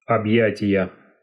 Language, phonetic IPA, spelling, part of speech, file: Russian, [ɐbˈjætʲɪjə], объятия, noun, Ru-объятия.ogg
- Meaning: inflection of объя́тие (obʺjátije): 1. genitive singular 2. nominative/accusative plural